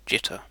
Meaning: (noun) 1. A nervous action; a tic 2. A state of nervousness 3. An abrupt and unwanted variation of one or more signal characteristics 4. A random positioning of data points to avoid visual overlap
- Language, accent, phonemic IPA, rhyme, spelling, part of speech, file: English, UK, /ˈd͡ʒɪtə(ɹ)/, -ɪtə(ɹ), jitter, noun / verb, En-uk-jitter.ogg